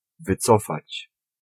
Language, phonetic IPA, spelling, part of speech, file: Polish, [vɨˈt͡sɔfat͡ɕ], wycofać, verb, Pl-wycofać.ogg